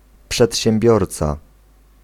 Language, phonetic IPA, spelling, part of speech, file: Polish, [ˌpʃɛtʲɕɛ̃mˈbʲjɔrt͡sa], przedsiębiorca, noun, Pl-przedsiębiorca.ogg